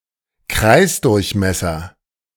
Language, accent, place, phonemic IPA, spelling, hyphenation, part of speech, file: German, Germany, Berlin, /ˈkraɪ̯sˌdʊʁçmɛsɐ/, Kreisdurchmesser, Kreis‧durch‧mes‧ser, noun, De-Kreisdurchmesser.ogg
- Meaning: diameter of a circle